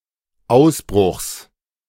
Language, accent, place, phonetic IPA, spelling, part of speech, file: German, Germany, Berlin, [ˈaʊ̯sˌbʁʊxs], Ausbruchs, noun, De-Ausbruchs.ogg
- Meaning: genitive singular of Ausbruch